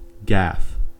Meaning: A foolish and embarrassing error, especially one made in public; a social blunder; a breach of etiquette
- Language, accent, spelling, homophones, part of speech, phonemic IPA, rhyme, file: English, US, gaffe, gaff, noun, /ɡæf/, -æf, En-us-gaffe.ogg